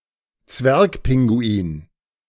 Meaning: little penguin
- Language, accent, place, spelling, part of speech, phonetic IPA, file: German, Germany, Berlin, Zwergpinguin, noun, [ˈt͡svɛʁkˌpɪŋɡuiːn], De-Zwergpinguin.ogg